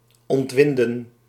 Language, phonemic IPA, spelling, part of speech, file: Dutch, /ɔntˈʋɪn.də(n)/, ontwinden, verb, Nl-ontwinden.ogg
- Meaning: 1. to unwind 2. to relax, to settle down